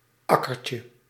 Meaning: diminutive of akker
- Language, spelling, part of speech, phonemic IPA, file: Dutch, akkertje, noun, /ˈɑkərcə/, Nl-akkertje.ogg